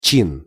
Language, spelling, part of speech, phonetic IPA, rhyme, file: Russian, чин, noun, [t͡ɕin], -in, Ru-чин.ogg
- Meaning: 1. rank 2. official 3. a religious rite